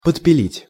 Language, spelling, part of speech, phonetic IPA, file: Russian, подпилить, verb, [pətpʲɪˈlʲitʲ], Ru-подпилить.ogg
- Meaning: 1. to shorten by sawing 2. to saw at the base of